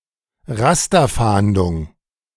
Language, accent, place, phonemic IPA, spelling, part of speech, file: German, Germany, Berlin, /ˈʁastɐˌfaːndʊŋ/, Rasterfahndung, noun, De-Rasterfahndung.ogg
- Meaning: computer-aided investigation in databases